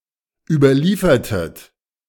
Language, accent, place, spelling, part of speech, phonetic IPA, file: German, Germany, Berlin, überliefertet, verb, [ˌyːbɐˈliːfɐtət], De-überliefertet.ogg
- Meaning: inflection of überliefern: 1. second-person plural preterite 2. second-person plural subjunctive II